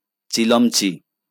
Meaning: hand basin
- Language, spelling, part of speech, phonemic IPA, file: Bengali, চিলমচি, noun, /t͡ʃilɔmt͡ʃi/, LL-Q9610 (ben)-চিলমচি.wav